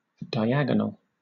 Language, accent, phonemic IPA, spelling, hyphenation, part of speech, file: English, Southern England, /daɪ̯ˈæɡ(ə)nəl/, diagonal, di‧ag‧o‧nal, adjective / noun, LL-Q1860 (eng)-diagonal.wav
- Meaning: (adjective) 1. Joining two nonadjacent vertices (of a polygon or polyhedron) 2. Having slanted or oblique lines or markings 3. Having a slanted or oblique direction